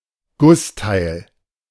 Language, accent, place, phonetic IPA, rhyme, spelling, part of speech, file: German, Germany, Berlin, [ˈɡʊsˌtaɪ̯l], -ʊstaɪ̯l, Gussteil, noun, De-Gussteil.ogg
- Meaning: casting (piece of cast metal)